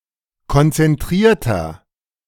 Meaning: 1. comparative degree of konzentriert 2. inflection of konzentriert: strong/mixed nominative masculine singular 3. inflection of konzentriert: strong genitive/dative feminine singular
- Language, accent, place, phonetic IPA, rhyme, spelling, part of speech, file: German, Germany, Berlin, [kɔnt͡sɛnˈtʁiːɐ̯tɐ], -iːɐ̯tɐ, konzentrierter, adjective, De-konzentrierter.ogg